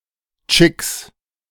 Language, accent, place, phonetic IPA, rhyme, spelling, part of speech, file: German, Germany, Berlin, [t͡ʃɪks], -ɪks, Tschicks, noun, De-Tschicks.ogg
- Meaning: plural of Tschick